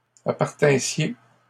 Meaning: second-person plural imperfect subjunctive of appartenir
- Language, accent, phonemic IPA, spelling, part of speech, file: French, Canada, /a.paʁ.tɛ̃.sje/, appartinssiez, verb, LL-Q150 (fra)-appartinssiez.wav